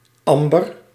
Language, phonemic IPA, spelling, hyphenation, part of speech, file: Dutch, /ˈɑm.bər/, amber, am‧ber, noun, Nl-amber.ogg
- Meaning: 1. amber (colour of fossil resin) 2. amber (fossil resin)